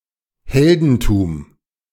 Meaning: heroism
- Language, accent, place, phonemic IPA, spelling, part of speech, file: German, Germany, Berlin, /ˈhɛldn̩tuːm/, Heldentum, noun, De-Heldentum.ogg